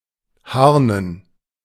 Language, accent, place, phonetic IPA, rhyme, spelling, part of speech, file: German, Germany, Berlin, [ˈhaʁnən], -aʁnən, harnen, verb, De-harnen.ogg
- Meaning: to urinate (especially of animals)